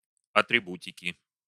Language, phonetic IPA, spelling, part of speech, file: Russian, [ɐtrʲɪˈbutʲɪkʲɪ], атрибутики, noun, Ru-атрибутики.ogg
- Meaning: inflection of атрибу́тика (atribútika): 1. genitive singular 2. nominative/accusative plural